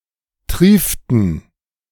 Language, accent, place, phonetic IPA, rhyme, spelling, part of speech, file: German, Germany, Berlin, [ˈtʁiːftn̩], -iːftn̩, trieften, verb, De-trieften.ogg
- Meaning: inflection of triefen: 1. first/third-person plural preterite 2. first/third-person plural subjunctive II